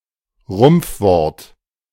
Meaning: initial and final clipping (e.g. Elisabeth → Lisa)
- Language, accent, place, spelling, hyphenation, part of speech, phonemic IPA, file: German, Germany, Berlin, Rumpfwort, Rumpf‧wort, noun, /ˈʁʊmp͡fˌvɔʁt/, De-Rumpfwort.ogg